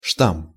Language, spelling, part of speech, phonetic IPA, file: Russian, штамм, noun, [ʂtam], Ru-штамм.ogg
- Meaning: strain